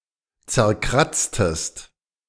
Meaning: inflection of zerkratzen: 1. second-person singular preterite 2. second-person singular subjunctive II
- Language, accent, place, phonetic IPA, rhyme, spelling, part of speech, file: German, Germany, Berlin, [t͡sɛɐ̯ˈkʁat͡stəst], -at͡stəst, zerkratztest, verb, De-zerkratztest.ogg